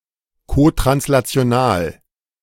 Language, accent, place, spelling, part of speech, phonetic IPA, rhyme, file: German, Germany, Berlin, kotranslational, adjective, [kotʁanslat͡si̯oˈnaːl], -aːl, De-kotranslational.ogg
- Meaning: cotranslational